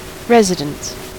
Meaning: 1. The place where one lives (resides); one's home 2. A building or portion thereof used as a home, such as a house or an apartment therein 3. The place where a corporation is established
- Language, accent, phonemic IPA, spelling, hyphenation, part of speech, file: English, US, /ˈɹɛz.ɪ.dəns/, residence, res‧i‧dence, noun, En-us-residence.ogg